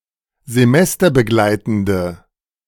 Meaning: inflection of semesterbegleitend: 1. strong/mixed nominative/accusative feminine singular 2. strong nominative/accusative plural 3. weak nominative all-gender singular
- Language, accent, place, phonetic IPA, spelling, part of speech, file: German, Germany, Berlin, [zeˈmɛstɐbəˌɡlaɪ̯tn̩də], semesterbegleitende, adjective, De-semesterbegleitende.ogg